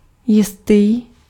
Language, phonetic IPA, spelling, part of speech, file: Czech, [ˈjɪstiː], jistý, adjective, Cs-jistý.ogg
- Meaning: 1. certain, sure 2. certain (having been determined but unspecified)